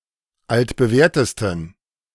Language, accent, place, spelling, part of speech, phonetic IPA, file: German, Germany, Berlin, altbewährtesten, adjective, [ˌaltbəˈvɛːɐ̯təstn̩], De-altbewährtesten.ogg
- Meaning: 1. superlative degree of altbewährt 2. inflection of altbewährt: strong genitive masculine/neuter singular superlative degree